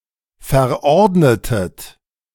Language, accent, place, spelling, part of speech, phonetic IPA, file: German, Germany, Berlin, verordnetet, verb, [fɛɐ̯ˈʔɔʁdnətət], De-verordnetet.ogg
- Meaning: inflection of verordnen: 1. second-person plural preterite 2. second-person plural subjunctive II